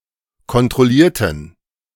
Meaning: inflection of kontrollieren: 1. first/third-person plural preterite 2. first/third-person plural subjunctive II
- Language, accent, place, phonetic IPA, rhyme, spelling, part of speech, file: German, Germany, Berlin, [kɔntʁɔˈliːɐ̯tn̩], -iːɐ̯tn̩, kontrollierten, adjective / verb, De-kontrollierten.ogg